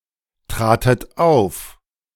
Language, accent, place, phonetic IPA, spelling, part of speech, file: German, Germany, Berlin, [ˌtʁaːtət ˈaʊ̯f], tratet auf, verb, De-tratet auf.ogg
- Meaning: second-person plural preterite of auftreten